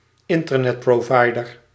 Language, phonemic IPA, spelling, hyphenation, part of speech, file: Dutch, /ˈɪn.tər.nɛt.proːˌvɑi̯.dər/, internetprovider, in‧ter‧net‧pro‧vi‧der, noun, Nl-internetprovider.ogg
- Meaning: Internet source provider, ISP